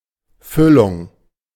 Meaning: 1. filling 2. stuffing
- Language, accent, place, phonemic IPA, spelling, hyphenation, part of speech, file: German, Germany, Berlin, /ˈfʏlʊŋ/, Füllung, Fül‧lung, noun, De-Füllung.ogg